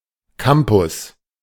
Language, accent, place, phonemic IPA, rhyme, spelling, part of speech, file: German, Germany, Berlin, /ˈkampʊs/, -ampʊs, Campus, noun, De-Campus.ogg
- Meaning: campus (central premises of an educational institution)